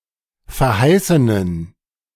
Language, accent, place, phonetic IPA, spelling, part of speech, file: German, Germany, Berlin, [fɛɐ̯ˈhaɪ̯sənən], verheißenen, adjective, De-verheißenen.ogg
- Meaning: inflection of verheißen: 1. strong genitive masculine/neuter singular 2. weak/mixed genitive/dative all-gender singular 3. strong/weak/mixed accusative masculine singular 4. strong dative plural